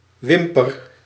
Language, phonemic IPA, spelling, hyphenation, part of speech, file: Dutch, /ˈʋɪmpər/, wimper, wim‧per, noun, Nl-wimper.ogg
- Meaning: eyelash